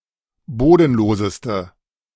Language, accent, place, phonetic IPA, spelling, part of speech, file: German, Germany, Berlin, [ˈboːdn̩ˌloːzəstə], bodenloseste, adjective, De-bodenloseste.ogg
- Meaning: inflection of bodenlos: 1. strong/mixed nominative/accusative feminine singular superlative degree 2. strong nominative/accusative plural superlative degree